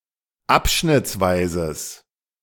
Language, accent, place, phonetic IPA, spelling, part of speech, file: German, Germany, Berlin, [ˈapʃnɪt͡sˌvaɪ̯zəs], abschnittsweises, adjective, De-abschnittsweises.ogg
- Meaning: strong/mixed nominative/accusative neuter singular of abschnittsweise